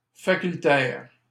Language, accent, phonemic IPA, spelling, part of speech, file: French, Canada, /fa.kyl.tɛʁ/, facultaire, adjective, LL-Q150 (fra)-facultaire.wav
- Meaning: faculty (division of a university)